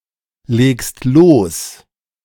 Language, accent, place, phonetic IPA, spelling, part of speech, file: German, Germany, Berlin, [ˌleːkst ˈloːs], legst los, verb, De-legst los.ogg
- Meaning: second-person singular present of loslegen